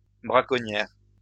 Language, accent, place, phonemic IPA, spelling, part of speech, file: French, France, Lyon, /bʁa.kɔ.njɛʁ/, braconnière, noun, LL-Q150 (fra)-braconnière.wav
- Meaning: 1. female equivalent of braconnier 2. braconniere (armor)